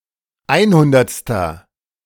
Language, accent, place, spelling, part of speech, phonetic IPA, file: German, Germany, Berlin, einhundertster, adjective, [ˈaɪ̯nˌhʊndɐt͡stɐ], De-einhundertster.ogg
- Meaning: inflection of einhundertste: 1. strong/mixed nominative masculine singular 2. strong genitive/dative feminine singular 3. strong genitive plural